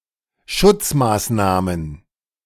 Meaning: plural of Schutzmaßnahme
- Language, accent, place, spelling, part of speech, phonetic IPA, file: German, Germany, Berlin, Schutzmaßnahmen, noun, [ˈʃʊt͡smaːsˌnaːmən], De-Schutzmaßnahmen.ogg